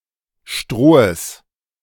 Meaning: genitive singular of Stroh
- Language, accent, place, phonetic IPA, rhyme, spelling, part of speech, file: German, Germany, Berlin, [ˈʃtʁoːəs], -oːəs, Strohes, noun, De-Strohes.ogg